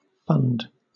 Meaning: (noun) 1. A sum or source of money 2. An organization managing such money 3. A money-management operation, such as a mutual fund 4. A large supply of something to be drawn upon
- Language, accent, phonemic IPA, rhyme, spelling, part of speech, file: English, Southern England, /ˈfʌnd/, -ʌnd, fund, noun / verb, LL-Q1860 (eng)-fund.wav